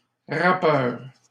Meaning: rapper
- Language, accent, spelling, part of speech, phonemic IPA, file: French, Canada, rappeur, noun, /ʁa.pœʁ/, LL-Q150 (fra)-rappeur.wav